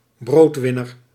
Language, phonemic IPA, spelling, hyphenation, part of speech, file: Dutch, /ˈbroːtˌʋɪ.nər/, broodwinner, brood‧win‧ner, noun, Nl-broodwinner.ogg
- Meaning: financial provider for the entire family, the person who brings home the bacon; breadwinner